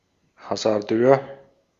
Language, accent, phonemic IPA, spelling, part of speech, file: German, Austria, /hazaʁˈdøːɐ̯/, Hasardeur, noun, De-at-Hasardeur.ogg
- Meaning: gambler, player